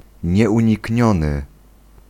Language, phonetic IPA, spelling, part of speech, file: Polish, [ˌɲɛʷũɲiˈcɲɔ̃nɨ], nieunikniony, adjective, Pl-nieunikniony.ogg